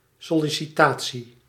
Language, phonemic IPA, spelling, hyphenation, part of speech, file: Dutch, /sɔ.li.siˈtaː.(t)si/, sollicitatie, sol‧li‧ci‧ta‧tie, noun, Nl-sollicitatie.ogg
- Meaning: job application